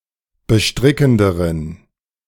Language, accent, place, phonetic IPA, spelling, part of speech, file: German, Germany, Berlin, [bəˈʃtʁɪkn̩dəʁən], bestrickenderen, adjective, De-bestrickenderen.ogg
- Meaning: inflection of bestrickend: 1. strong genitive masculine/neuter singular comparative degree 2. weak/mixed genitive/dative all-gender singular comparative degree